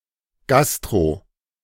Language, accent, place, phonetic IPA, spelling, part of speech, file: German, Germany, Berlin, [ɡastʁo], gastro-, prefix, De-gastro-.ogg
- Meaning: gastro- (of or relating to the stomach)